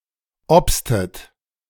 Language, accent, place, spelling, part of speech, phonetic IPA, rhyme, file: German, Germany, Berlin, obstet, verb, [ˈɔpstət], -ɔpstət, De-obstet.ogg
- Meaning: inflection of obsen: 1. second-person plural preterite 2. second-person plural subjunctive II